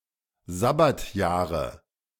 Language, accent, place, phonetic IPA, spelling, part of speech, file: German, Germany, Berlin, [ˈzabatjaːʁə], Sabbatjahre, noun, De-Sabbatjahre.ogg
- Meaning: nominative/accusative/genitive plural of Sabbatjahr